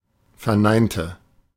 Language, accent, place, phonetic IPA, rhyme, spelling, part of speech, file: German, Germany, Berlin, [fɛɐ̯ˈnaɪ̯ntə], -aɪ̯ntə, verneinte, adjective / verb, De-verneinte.ogg
- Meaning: inflection of verneinen: 1. first/third-person singular preterite 2. first/third-person singular subjunctive II